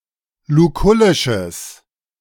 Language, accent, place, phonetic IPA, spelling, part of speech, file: German, Germany, Berlin, [luˈkʊlɪʃəs], lukullisches, adjective, De-lukullisches.ogg
- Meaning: strong/mixed nominative/accusative neuter singular of lukullisch